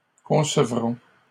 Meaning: third-person plural future of concevoir
- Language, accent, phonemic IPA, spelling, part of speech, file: French, Canada, /kɔ̃.sə.vʁɔ̃/, concevront, verb, LL-Q150 (fra)-concevront.wav